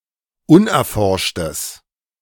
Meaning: strong/mixed nominative/accusative neuter singular of unerforscht
- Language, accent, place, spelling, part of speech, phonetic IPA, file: German, Germany, Berlin, unerforschtes, adjective, [ˈʊnʔɛɐ̯ˌfɔʁʃtəs], De-unerforschtes.ogg